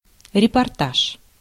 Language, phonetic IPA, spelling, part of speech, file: Russian, [rʲɪpɐrˈtaʂ], репортаж, noun, Ru-репортаж.ogg
- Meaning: report